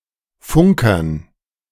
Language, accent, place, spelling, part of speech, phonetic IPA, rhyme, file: German, Germany, Berlin, Funkern, noun, [ˈfʊŋkɐn], -ʊŋkɐn, De-Funkern.ogg
- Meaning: dative plural of Funker